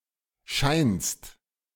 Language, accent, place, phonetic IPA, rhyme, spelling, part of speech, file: German, Germany, Berlin, [ʃaɪ̯nst], -aɪ̯nst, scheinst, verb, De-scheinst.ogg
- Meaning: second-person singular present of scheinen